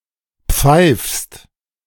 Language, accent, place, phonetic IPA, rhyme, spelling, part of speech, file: German, Germany, Berlin, [p͡faɪ̯fst], -aɪ̯fst, pfeifst, verb, De-pfeifst.ogg
- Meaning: second-person singular present of pfeifen